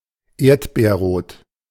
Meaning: strawberry-red (in colour)
- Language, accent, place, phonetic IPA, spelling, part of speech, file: German, Germany, Berlin, [ˈeːɐ̯tbeːɐ̯ˌʁoːt], erdbeerrot, adjective, De-erdbeerrot.ogg